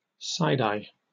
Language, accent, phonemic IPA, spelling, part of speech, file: English, Received Pronunciation, /ˈsaɪdˌaɪ/, side-eye, noun / verb, En-uk-side-eye.oga
- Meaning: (noun) A sidelong look, particularly of animosity, judgment, or suspicion; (verb) To look at out of the corner of one's eye, particularly with animosity, or in a judgmental or suspicious manner